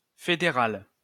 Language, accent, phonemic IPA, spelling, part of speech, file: French, France, /fe.de.ʁal/, fédérale, adjective, LL-Q150 (fra)-fédérale.wav
- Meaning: feminine singular of fédéral